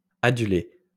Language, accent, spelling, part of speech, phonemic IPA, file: French, France, adulé, verb, /a.dy.le/, LL-Q150 (fra)-adulé.wav
- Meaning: past participle of aduler